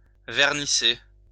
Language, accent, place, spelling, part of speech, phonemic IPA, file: French, France, Lyon, vernisser, verb, /vɛʁ.ni.se/, LL-Q150 (fra)-vernisser.wav
- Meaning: to glaze (pottery)